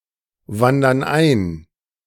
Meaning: inflection of einwandern: 1. first/third-person plural present 2. first/third-person plural subjunctive I
- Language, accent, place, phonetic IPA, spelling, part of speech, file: German, Germany, Berlin, [ˌvandɐn ˈaɪ̯n], wandern ein, verb, De-wandern ein.ogg